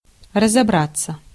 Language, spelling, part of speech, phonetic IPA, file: Russian, разобраться, verb, [rəzɐˈbrat͡sːə], Ru-разобраться.ogg
- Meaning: 1. to deal with, to sort out 2. to figure out, to work out 3. to understand, to see into, to work with 4. passive of разобра́ть (razobrátʹ)